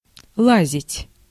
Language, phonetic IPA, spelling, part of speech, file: Russian, [ˈɫazʲɪtʲ], лазить, verb, Ru-лазить.ogg
- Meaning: 1. to climb, to clamber 2. to creep